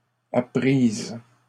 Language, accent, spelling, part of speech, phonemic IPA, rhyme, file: French, Canada, apprises, adjective / verb, /a.pʁiz/, -iz, LL-Q150 (fra)-apprises.wav
- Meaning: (adjective) feminine plural of appris